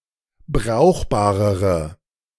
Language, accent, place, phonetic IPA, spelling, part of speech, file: German, Germany, Berlin, [ˈbʁaʊ̯xbaːʁəʁə], brauchbarere, adjective, De-brauchbarere.ogg
- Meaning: inflection of brauchbar: 1. strong/mixed nominative/accusative feminine singular comparative degree 2. strong nominative/accusative plural comparative degree